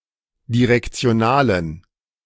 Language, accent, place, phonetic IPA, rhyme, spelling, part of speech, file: German, Germany, Berlin, [diʁɛkt͡si̯oˈnaːlən], -aːlən, direktionalen, adjective, De-direktionalen.ogg
- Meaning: inflection of direktional: 1. strong genitive masculine/neuter singular 2. weak/mixed genitive/dative all-gender singular 3. strong/weak/mixed accusative masculine singular 4. strong dative plural